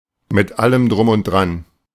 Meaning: lock, stock, and barrel
- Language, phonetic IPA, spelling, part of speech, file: German, [mɪt ˈaləm dʁʊm ʊnt dʁan], mit allem Drum und Dran, prepositional phrase, De-mit allem drum und dran.ogg